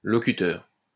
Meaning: speaker
- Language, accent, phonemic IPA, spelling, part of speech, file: French, France, /lɔ.ky.tœʁ/, locuteur, noun, LL-Q150 (fra)-locuteur.wav